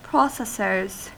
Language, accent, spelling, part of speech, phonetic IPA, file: English, US, processors, noun, [ˈpɹɑ.sɛs.ɚz], En-us-processors.ogg
- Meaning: plural of processor